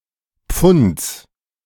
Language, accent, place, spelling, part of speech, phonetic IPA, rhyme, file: German, Germany, Berlin, Pfunds, proper noun / noun, [p͡fʊnt͡s], -ʊnt͡s, De-Pfunds.ogg
- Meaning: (proper noun) a municipality of Tyrol, Austria; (noun) genitive singular of Pfund